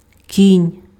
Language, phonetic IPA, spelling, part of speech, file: Ukrainian, [kʲinʲ], кінь, noun, Uk-кінь.ogg
- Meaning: 1. horse (animal) 2. knight